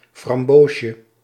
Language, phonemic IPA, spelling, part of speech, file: Dutch, /frɑmˈboʃə/, framboosje, noun, Nl-framboosje.ogg
- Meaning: diminutive of framboos